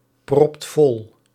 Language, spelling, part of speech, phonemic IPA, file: Dutch, propt vol, verb, /ˈprɔpt ˈvɔl/, Nl-propt vol.ogg
- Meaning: inflection of volproppen: 1. second/third-person singular present indicative 2. plural imperative